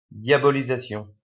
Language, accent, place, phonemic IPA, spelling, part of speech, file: French, France, Lyon, /dja.bɔ.li.za.sjɔ̃/, diabolisation, noun, LL-Q150 (fra)-diabolisation.wav
- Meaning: demonization